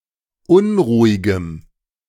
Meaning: strong dative masculine/neuter singular of unruhig
- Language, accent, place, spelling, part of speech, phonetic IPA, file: German, Germany, Berlin, unruhigem, adjective, [ˈʊnʁuːɪɡəm], De-unruhigem.ogg